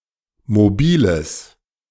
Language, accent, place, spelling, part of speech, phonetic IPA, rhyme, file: German, Germany, Berlin, mobiles, adjective, [moˈbiːləs], -iːləs, De-mobiles.ogg
- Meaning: strong/mixed nominative/accusative neuter singular of mobil